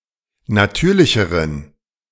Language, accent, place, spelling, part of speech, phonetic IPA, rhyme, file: German, Germany, Berlin, natürlicheren, adjective, [naˈtyːɐ̯lɪçəʁən], -yːɐ̯lɪçəʁən, De-natürlicheren.ogg
- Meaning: inflection of natürlich: 1. strong genitive masculine/neuter singular comparative degree 2. weak/mixed genitive/dative all-gender singular comparative degree